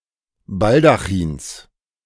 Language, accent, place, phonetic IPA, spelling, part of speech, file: German, Germany, Berlin, [ˈbaldaxiːns], Baldachins, noun, De-Baldachins.ogg
- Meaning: genitive of Baldachin